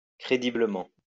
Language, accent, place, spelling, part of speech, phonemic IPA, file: French, France, Lyon, crédiblement, adverb, /kʁe.di.blə.mɑ̃/, LL-Q150 (fra)-crédiblement.wav
- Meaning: credibly